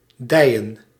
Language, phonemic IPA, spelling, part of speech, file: Dutch, /ˈdɛijə(n)/, dijen, verb / noun, Nl-dijen.ogg
- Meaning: plural of dij